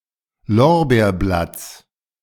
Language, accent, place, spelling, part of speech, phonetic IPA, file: German, Germany, Berlin, Lorbeerblatts, noun, [ˈlɔʁbeːɐ̯ˌblat͡s], De-Lorbeerblatts.ogg
- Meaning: genitive singular of Lorbeerblatt